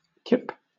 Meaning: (noun) 1. The untanned hide of a young or small beast, such as a calf, lamb, or young goat 2. A bundle or set of such hides 3. A unit of count for skins, 30 for lamb and 50 for goat
- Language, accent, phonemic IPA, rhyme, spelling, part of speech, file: English, Southern England, /kɪp/, -ɪp, kip, noun / verb, LL-Q1860 (eng)-kip.wav